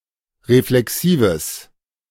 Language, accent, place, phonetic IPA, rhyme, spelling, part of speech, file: German, Germany, Berlin, [ʁeflɛˈksiːvəs], -iːvəs, reflexives, adjective, De-reflexives.ogg
- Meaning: strong/mixed nominative/accusative neuter singular of reflexiv